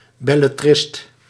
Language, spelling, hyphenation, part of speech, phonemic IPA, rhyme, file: Dutch, bellettrist, bel‧let‧trist, noun, /ˌbɛ.lɛˈtrɪst/, -ɪst, Nl-bellettrist.ogg
- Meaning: belletrist